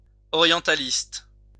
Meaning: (adjective) orientalist
- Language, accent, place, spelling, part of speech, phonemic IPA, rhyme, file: French, France, Lyon, orientaliste, adjective / noun, /ɔ.ʁjɑ̃.ta.list/, -ist, LL-Q150 (fra)-orientaliste.wav